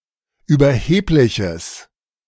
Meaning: strong/mixed nominative/accusative neuter singular of überheblich
- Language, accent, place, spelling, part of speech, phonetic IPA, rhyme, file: German, Germany, Berlin, überhebliches, adjective, [yːbɐˈheːplɪçəs], -eːplɪçəs, De-überhebliches.ogg